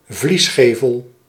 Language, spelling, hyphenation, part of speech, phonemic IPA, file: Dutch, vliesgevel, vlies‧ge‧vel, noun, /ˈvlisˌxeː.vəl/, Nl-vliesgevel.ogg
- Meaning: curtain wall